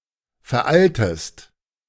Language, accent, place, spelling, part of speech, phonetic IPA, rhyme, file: German, Germany, Berlin, veraltest, verb, [fɛɐ̯ˈʔaltəst], -altəst, De-veraltest.ogg
- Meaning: inflection of veralten: 1. second-person singular present 2. second-person singular subjunctive I